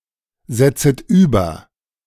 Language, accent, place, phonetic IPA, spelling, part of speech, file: German, Germany, Berlin, [ˌzɛt͡sət ˈyːbɐ], setzet über, verb, De-setzet über.ogg
- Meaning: second-person plural subjunctive I of übersetzen